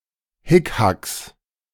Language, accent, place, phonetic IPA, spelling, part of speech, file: German, Germany, Berlin, [ˈhɪkhaks], Hickhacks, noun, De-Hickhacks.ogg
- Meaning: plural of Hickhack